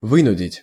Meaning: to force, to compel, to oblige
- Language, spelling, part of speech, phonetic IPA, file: Russian, вынудить, verb, [ˈvɨnʊdʲɪtʲ], Ru-вынудить.ogg